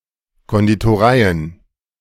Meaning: plural of Konditorei
- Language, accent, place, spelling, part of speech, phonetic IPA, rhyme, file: German, Germany, Berlin, Konditoreien, noun, [ˌkɔnditoˈʁaɪ̯ən], -aɪ̯ən, De-Konditoreien.ogg